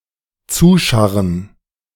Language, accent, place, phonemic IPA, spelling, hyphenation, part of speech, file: German, Germany, Berlin, /ˈt͡suːˌʃaʁən/, zuscharren, zu‧schar‧ren, verb, De-zuscharren.ogg
- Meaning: to cover (i.e. by scraping stuff onto it)